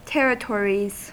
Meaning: plural of territory
- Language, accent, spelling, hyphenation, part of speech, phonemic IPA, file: English, US, territories, ter‧ri‧to‧ries, noun, /ˈtɛɹɪˌtɔɹiz/, En-us-territories.ogg